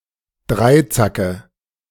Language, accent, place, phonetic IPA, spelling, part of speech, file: German, Germany, Berlin, [ˈdʁaɪ̯ˌt͡sakə], Dreizacke, noun, De-Dreizacke.ogg
- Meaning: nominative/accusative/genitive plural of Dreizack